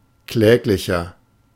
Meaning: 1. comparative degree of kläglich 2. inflection of kläglich: strong/mixed nominative masculine singular 3. inflection of kläglich: strong genitive/dative feminine singular
- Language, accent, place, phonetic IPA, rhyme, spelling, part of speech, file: German, Germany, Berlin, [ˈklɛːklɪçɐ], -ɛːklɪçɐ, kläglicher, adjective, De-kläglicher.ogg